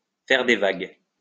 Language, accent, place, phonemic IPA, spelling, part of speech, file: French, France, Lyon, /fɛʁ de vaɡ/, faire des vagues, verb, LL-Q150 (fra)-faire des vagues.wav
- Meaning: to make waves; to rock the boat